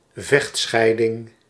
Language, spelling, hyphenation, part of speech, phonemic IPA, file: Dutch, vechtscheiding, vecht‧schei‧ding, noun, /ˈvɛxtˌsxɛi̯.dɪŋ/, Nl-vechtscheiding.ogg
- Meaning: a divorce involving bitter conflict between the separating spouses